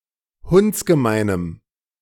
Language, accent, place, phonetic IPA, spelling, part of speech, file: German, Germany, Berlin, [ˈhʊnt͡sɡəˌmaɪ̯nəm], hundsgemeinem, adjective, De-hundsgemeinem.ogg
- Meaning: strong dative masculine/neuter singular of hundsgemein